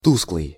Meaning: 1. dim, dull, dingy 2. lackluster, lusterless (of eyes) 3. dark, poorly lit
- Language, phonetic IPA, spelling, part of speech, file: Russian, [ˈtuskɫɨj], тусклый, adjective, Ru-тусклый.ogg